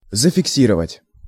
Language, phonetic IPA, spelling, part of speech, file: Russian, [zəfʲɪkˈsʲirəvətʲ], зафиксировать, verb, Ru-зафиксировать.ogg
- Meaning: 1. to fix, to set, to settle, to state 2. to record 3. to fix (a photograph)